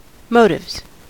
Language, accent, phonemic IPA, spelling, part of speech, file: English, US, /ˈmoʊtɪvz/, motives, noun, En-us-motives.ogg
- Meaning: plural of motive